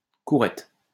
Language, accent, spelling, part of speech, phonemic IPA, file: French, France, courette, noun, /ku.ʁɛt/, LL-Q150 (fra)-courette.wav
- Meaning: small courtyard